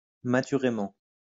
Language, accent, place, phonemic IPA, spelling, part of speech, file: French, France, Lyon, /ma.ty.ʁe.mɑ̃/, maturément, adverb, LL-Q150 (fra)-maturément.wav
- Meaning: maturely (with maturity)